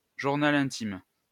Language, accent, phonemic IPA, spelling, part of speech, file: French, France, /ʒuʁ.na.l‿ɛ̃.tim/, journal intime, noun, LL-Q150 (fra)-journal intime.wav
- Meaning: diary, journal (daily log of experiences)